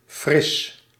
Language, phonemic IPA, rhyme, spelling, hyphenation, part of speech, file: Dutch, /frɪs/, -ɪs, fris, fris, adjective / noun, Nl-fris.ogg
- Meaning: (adjective) 1. fresh, refreshing 2. cool, chilly 3. clean, pure, hygienic 4. well-rested, rejuvenated, refreshed 5. subtly sour, a bit tart; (noun) soft drink; a cold sweet drink, usually carbonated